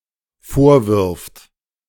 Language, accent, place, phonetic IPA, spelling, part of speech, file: German, Germany, Berlin, [ˈfoːɐ̯ˌvɪʁft], vorwirft, verb, De-vorwirft.ogg
- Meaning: third-person singular dependent present of vorwerfen